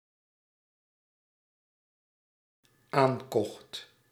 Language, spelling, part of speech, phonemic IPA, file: Dutch, aankocht, verb, /ˈaŋkɔxt/, Nl-aankocht.ogg
- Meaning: singular dependent-clause past indicative of aankopen